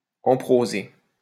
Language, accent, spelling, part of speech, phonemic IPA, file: French, France, emproser, verb, /ɑ̃.pʁo.ze/, LL-Q150 (fra)-emproser.wav
- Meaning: to bugger, to fuck up the ass